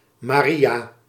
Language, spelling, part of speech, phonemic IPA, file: Dutch, Maria, proper noun, /maːˈri.(j)aː/, Nl-Maria.ogg
- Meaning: 1. Mary (Biblical character, mother of Jesus) 2. Mary (Biblical character, Mary Magdalene) 3. a female given name from Hebrew; variant forms Maaike, Marie, Marieke, Marijke, Marije, Mieke, Mie